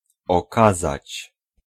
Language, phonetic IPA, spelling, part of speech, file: Polish, [ɔˈkazat͡ɕ], okazać, verb, Pl-okazać.ogg